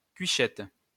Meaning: spork
- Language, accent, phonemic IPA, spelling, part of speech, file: French, France, /kɥi.ʃɛt/, cuichette, noun, LL-Q150 (fra)-cuichette.wav